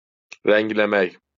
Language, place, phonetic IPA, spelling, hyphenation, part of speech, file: Azerbaijani, Baku, [ræŋlæˈmæk], rəngləmək, rəng‧lə‧mək, verb, LL-Q9292 (aze)-rəngləmək.wav
- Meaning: to dye, to paint, to colour